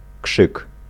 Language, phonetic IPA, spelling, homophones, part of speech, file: Polish, [kʃɨk], krzyk, kszyk, noun, Pl-krzyk.ogg